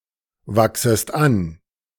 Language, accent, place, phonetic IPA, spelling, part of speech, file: German, Germany, Berlin, [ˌvaksəst ˈan], wachsest an, verb, De-wachsest an.ogg
- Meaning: second-person singular subjunctive I of anwachsen